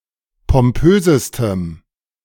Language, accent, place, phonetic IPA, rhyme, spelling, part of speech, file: German, Germany, Berlin, [pɔmˈpøːzəstəm], -øːzəstəm, pompösestem, adjective, De-pompösestem.ogg
- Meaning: strong dative masculine/neuter singular superlative degree of pompös